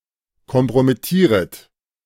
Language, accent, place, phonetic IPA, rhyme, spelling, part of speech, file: German, Germany, Berlin, [kɔmpʁomɪˈtiːʁət], -iːʁət, kompromittieret, verb, De-kompromittieret.ogg
- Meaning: second-person plural subjunctive I of kompromittieren